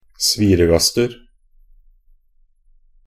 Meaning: indefinite plural of sviregast
- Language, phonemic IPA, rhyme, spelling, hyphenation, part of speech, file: Norwegian Bokmål, /ˈsʋiːrəɡastər/, -ər, sviregaster, svi‧re‧gast‧er, noun, Nb-sviregaster.ogg